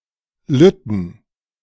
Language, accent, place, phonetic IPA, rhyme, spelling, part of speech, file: German, Germany, Berlin, [ˈlʏtn̩], -ʏtn̩, lütten, adjective, De-lütten.ogg
- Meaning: inflection of lütt: 1. strong genitive masculine/neuter singular 2. weak/mixed genitive/dative all-gender singular 3. strong/weak/mixed accusative masculine singular 4. strong dative plural